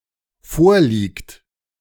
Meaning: third-person singular present of vorliegen he/she/it is / exists
- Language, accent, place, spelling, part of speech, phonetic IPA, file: German, Germany, Berlin, vorliegt, verb, [ˈfoːɐ̯ˌliːkt], De-vorliegt.ogg